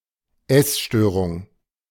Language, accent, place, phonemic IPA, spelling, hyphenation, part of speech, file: German, Germany, Berlin, /ˈɛsˌʃtøːʁʊŋ/, Essstörung, Ess‧störung, noun, De-Essstörung.ogg
- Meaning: eating disorder